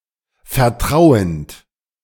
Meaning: present participle of vertrauen
- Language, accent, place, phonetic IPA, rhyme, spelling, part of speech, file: German, Germany, Berlin, [fɛɐ̯ˈtʁaʊ̯ənt], -aʊ̯ənt, vertrauend, verb, De-vertrauend.ogg